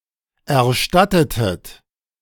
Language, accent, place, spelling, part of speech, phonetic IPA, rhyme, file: German, Germany, Berlin, erstattetet, verb, [ɛɐ̯ˈʃtatətət], -atətət, De-erstattetet.ogg
- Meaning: inflection of erstatten: 1. second-person plural preterite 2. second-person plural subjunctive II